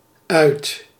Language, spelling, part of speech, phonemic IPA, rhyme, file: Dutch, uit, adverb / preposition / verb, /œy̯t/, -œy̯t, Nl-uit.ogg
- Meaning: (adverb) 1. out, from the inside to the outside 2. out, off (to an extinguished or switched-off state) 3. over, finished, completely; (preposition) out of, from